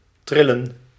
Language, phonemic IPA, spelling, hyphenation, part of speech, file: Dutch, /ˈtrɪ.lə(n)/, trillen, tril‧len, verb, Nl-trillen.ogg
- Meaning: 1. to tremble, to twitch 2. to vibrate, to oscillate